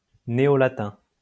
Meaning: New Latin
- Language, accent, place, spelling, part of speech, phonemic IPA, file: French, France, Lyon, néo-latin, adjective, /ne.o.la.tɛ̃/, LL-Q150 (fra)-néo-latin.wav